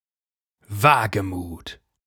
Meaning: boldness, daring, audacity, bravery
- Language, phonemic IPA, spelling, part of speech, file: German, /ˈvaːɡəˌmuːt/, Wagemut, noun, De-Wagemut.ogg